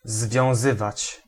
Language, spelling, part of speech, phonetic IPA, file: Polish, związywać, verb, [zvʲjɔ̃w̃ˈzɨvat͡ɕ], Pl-związywać.ogg